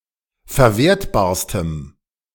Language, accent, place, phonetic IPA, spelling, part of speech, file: German, Germany, Berlin, [fɛɐ̯ˈveːɐ̯tbaːɐ̯stəm], verwertbarstem, adjective, De-verwertbarstem.ogg
- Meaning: strong dative masculine/neuter singular superlative degree of verwertbar